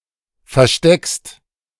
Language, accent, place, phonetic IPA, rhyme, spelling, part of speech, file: German, Germany, Berlin, [fɛɐ̯ˈʃtɛkst], -ɛkst, versteckst, verb, De-versteckst.ogg
- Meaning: second-person singular present of verstecken